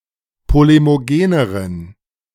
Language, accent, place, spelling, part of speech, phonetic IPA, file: German, Germany, Berlin, polemogeneren, adjective, [ˌpolemoˈɡeːnəʁən], De-polemogeneren.ogg
- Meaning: inflection of polemogen: 1. strong genitive masculine/neuter singular comparative degree 2. weak/mixed genitive/dative all-gender singular comparative degree